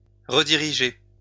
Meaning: 1. to redirect (direct somewhere else) 2. to redirect
- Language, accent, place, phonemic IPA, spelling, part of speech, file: French, France, Lyon, /ʁə.di.ʁi.ʒe/, rediriger, verb, LL-Q150 (fra)-rediriger.wav